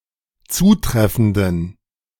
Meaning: inflection of zutreffend: 1. strong genitive masculine/neuter singular 2. weak/mixed genitive/dative all-gender singular 3. strong/weak/mixed accusative masculine singular 4. strong dative plural
- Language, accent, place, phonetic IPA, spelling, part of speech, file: German, Germany, Berlin, [ˈt͡suːˌtʁɛfn̩dən], zutreffenden, adjective, De-zutreffenden.ogg